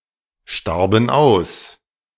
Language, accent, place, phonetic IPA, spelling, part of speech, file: German, Germany, Berlin, [ˌʃtaʁbn̩ ˈaʊ̯s], starben aus, verb, De-starben aus.ogg
- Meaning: first/third-person plural preterite of aussterben